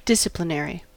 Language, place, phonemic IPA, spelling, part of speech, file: English, California, /ˈdɪs.ə.pləˌnɛɹi/, disciplinary, adjective / noun, En-us-disciplinary.ogg
- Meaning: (adjective) 1. Having to do with discipline, or with the imposition of discipline 2. For the purpose of imposing punishment 3. Of or relating to an academic field of study